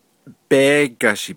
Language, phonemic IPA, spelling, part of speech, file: Navajo, /péːkɑ̀ʃìː/, béégashii, noun, Nv-béégashii.ogg
- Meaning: 1. cow 2. cattle